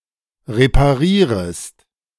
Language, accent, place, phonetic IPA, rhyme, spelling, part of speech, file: German, Germany, Berlin, [ʁepaˈʁiːʁəst], -iːʁəst, reparierest, verb, De-reparierest.ogg
- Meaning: second-person singular subjunctive I of reparieren